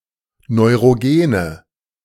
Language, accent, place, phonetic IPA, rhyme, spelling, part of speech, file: German, Germany, Berlin, [nɔɪ̯ʁoˈɡeːnə], -eːnə, neurogene, adjective, De-neurogene.ogg
- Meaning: inflection of neurogen: 1. strong/mixed nominative/accusative feminine singular 2. strong nominative/accusative plural 3. weak nominative all-gender singular